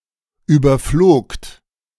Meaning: second-person plural preterite of überfliegen
- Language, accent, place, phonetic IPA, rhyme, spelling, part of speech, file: German, Germany, Berlin, [ˌyːbɐˈfloːkt], -oːkt, überflogt, verb, De-überflogt.ogg